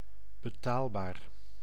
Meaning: payable, affordable
- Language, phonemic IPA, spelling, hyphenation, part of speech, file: Dutch, /bəˈtaːl.baːr/, betaalbaar, be‧taal‧baar, adjective, Nl-betaalbaar.ogg